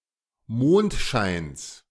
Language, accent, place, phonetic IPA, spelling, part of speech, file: German, Germany, Berlin, [ˈmoːntʃaɪ̯ns], Mondscheins, noun, De-Mondscheins.ogg
- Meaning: genitive singular of Mondschein